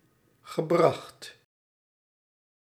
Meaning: past participle of brengen
- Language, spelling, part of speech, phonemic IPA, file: Dutch, gebracht, verb / adjective, /ɣəˈbrɑxt/, Nl-gebracht.ogg